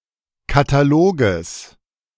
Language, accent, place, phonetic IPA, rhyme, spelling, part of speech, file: German, Germany, Berlin, [kataˈloːɡəs], -oːɡəs, Kataloges, noun, De-Kataloges.ogg
- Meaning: genitive of Katalog